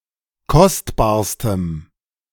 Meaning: strong dative masculine/neuter singular superlative degree of kostbar
- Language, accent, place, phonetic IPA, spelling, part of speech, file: German, Germany, Berlin, [ˈkɔstbaːɐ̯stəm], kostbarstem, adjective, De-kostbarstem.ogg